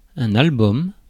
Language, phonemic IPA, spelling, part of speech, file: French, /al.bɔm/, album, noun, Fr-album.ogg
- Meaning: album (all meanings)